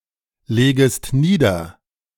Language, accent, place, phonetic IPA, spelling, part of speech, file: German, Germany, Berlin, [ˌleːɡəst ˈniːdɐ], legest nieder, verb, De-legest nieder.ogg
- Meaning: second-person singular subjunctive I of niederlegen